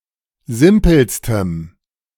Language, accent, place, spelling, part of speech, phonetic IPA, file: German, Germany, Berlin, simpelstem, adjective, [ˈzɪmpl̩stəm], De-simpelstem.ogg
- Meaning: strong dative masculine/neuter singular superlative degree of simpel